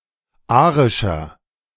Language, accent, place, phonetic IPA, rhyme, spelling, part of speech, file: German, Germany, Berlin, [ˈaːʁɪʃɐ], -aːʁɪʃɐ, arischer, adjective, De-arischer.ogg
- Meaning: inflection of arisch: 1. strong/mixed nominative masculine singular 2. strong genitive/dative feminine singular 3. strong genitive plural